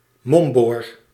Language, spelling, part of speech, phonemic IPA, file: Dutch, momboor, noun, /ˈmɔmbor/, Nl-momboor.ogg
- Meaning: guardian, custodian